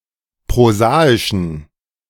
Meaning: inflection of prosaisch: 1. strong genitive masculine/neuter singular 2. weak/mixed genitive/dative all-gender singular 3. strong/weak/mixed accusative masculine singular 4. strong dative plural
- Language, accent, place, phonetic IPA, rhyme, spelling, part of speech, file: German, Germany, Berlin, [pʁoˈzaːɪʃn̩], -aːɪʃn̩, prosaischen, adjective, De-prosaischen.ogg